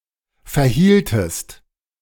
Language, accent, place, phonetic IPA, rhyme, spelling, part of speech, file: German, Germany, Berlin, [fɛɐ̯ˈhiːltəst], -iːltəst, verhieltest, verb, De-verhieltest.ogg
- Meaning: inflection of verhalten: 1. second-person singular preterite 2. second-person singular subjunctive II